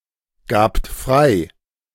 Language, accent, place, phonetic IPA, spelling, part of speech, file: German, Germany, Berlin, [ˌɡaːpt ˈfʁaɪ̯], gabt frei, verb, De-gabt frei.ogg
- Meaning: second-person plural preterite of freigeben